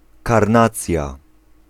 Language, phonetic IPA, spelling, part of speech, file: Polish, [karˈnat͡sʲja], karnacja, noun, Pl-karnacja.ogg